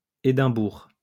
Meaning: 1. Edinburgh (the capital city of Scotland) 2. Edinburgh, Edinburgh (a council area of Scotland)
- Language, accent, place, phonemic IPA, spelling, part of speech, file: French, France, Lyon, /e.dɛ̃.buʁ/, Édimbourg, proper noun, LL-Q150 (fra)-Édimbourg.wav